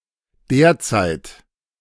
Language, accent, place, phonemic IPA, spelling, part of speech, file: German, Germany, Berlin, /ˈdeːɐ̯t͡saɪ̯t/, derzeit, adverb, De-derzeit.ogg
- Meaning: 1. currently, at present (implying that this state is likely temporary) 2. back then, at the time